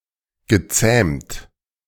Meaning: past participle of zähmen
- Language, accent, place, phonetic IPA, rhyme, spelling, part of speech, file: German, Germany, Berlin, [ɡəˈt͡sɛːmt], -ɛːmt, gezähmt, verb, De-gezähmt.ogg